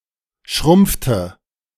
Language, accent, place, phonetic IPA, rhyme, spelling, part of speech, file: German, Germany, Berlin, [ˈʃʁʊmp͡ftə], -ʊmp͡ftə, schrumpfte, verb, De-schrumpfte.ogg
- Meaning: inflection of schrumpfen: 1. first/third-person singular preterite 2. first/third-person singular subjunctive II